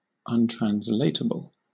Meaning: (adjective) Not able to be translated; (noun) A word or phrase that is impossible to translate satisfactorily from one language to another
- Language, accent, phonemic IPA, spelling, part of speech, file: English, Southern England, /ˈʌnˌtɹænz.leɪt.ə.bəl/, untranslatable, adjective / noun, LL-Q1860 (eng)-untranslatable.wav